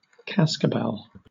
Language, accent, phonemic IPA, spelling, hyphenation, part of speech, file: English, Southern England, /ˈkæskəbɛl/, cascabel, cas‧ca‧bel, noun, LL-Q1860 (eng)-cascabel.wav
- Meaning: A small, round, hot variety of chili pepper, Capsicum annuum, which rattles when dry